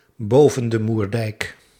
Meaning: 1. in the Northern Netherlands 2. in the Netherlands
- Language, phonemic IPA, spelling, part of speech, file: Dutch, /ˌboː.və(n)də murˈdɛi̯k/, boven de Moerdijk, prepositional phrase, Nl-boven de Moerdijk.ogg